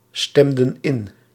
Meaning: inflection of instemmen: 1. plural past indicative 2. plural past subjunctive
- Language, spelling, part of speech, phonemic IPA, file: Dutch, stemden in, verb, /ˈstɛmdə(n) ˈɪn/, Nl-stemden in.ogg